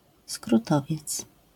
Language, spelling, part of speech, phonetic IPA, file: Polish, skrótowiec, noun, [skruˈtɔvʲjɛt͡s], LL-Q809 (pol)-skrótowiec.wav